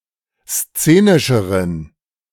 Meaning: inflection of szenisch: 1. strong genitive masculine/neuter singular comparative degree 2. weak/mixed genitive/dative all-gender singular comparative degree
- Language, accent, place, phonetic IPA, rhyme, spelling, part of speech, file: German, Germany, Berlin, [ˈst͡seːnɪʃəʁən], -eːnɪʃəʁən, szenischeren, adjective, De-szenischeren.ogg